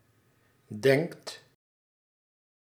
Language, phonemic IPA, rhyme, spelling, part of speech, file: Dutch, /dɛŋkt/, -ɛŋkt, denkt, verb, Nl-denkt.ogg
- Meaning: inflection of denken: 1. second/third-person singular present indicative 2. plural imperative